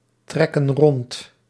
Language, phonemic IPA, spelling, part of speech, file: Dutch, /ˈtrɛkə(n) ˈrɔnt/, trekken rond, verb, Nl-trekken rond.ogg
- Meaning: inflection of rondtrekken: 1. plural present indicative 2. plural present subjunctive